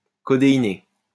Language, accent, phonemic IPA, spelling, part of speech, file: French, France, /kɔ.de.i.ne/, codéiné, adjective, LL-Q150 (fra)-codéiné.wav
- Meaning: Containing codeine